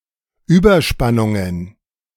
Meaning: plural of Überspannung
- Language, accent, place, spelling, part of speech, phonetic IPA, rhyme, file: German, Germany, Berlin, Überspannungen, noun, [ˌyːbɐˈʃpanʊŋən], -anʊŋən, De-Überspannungen.ogg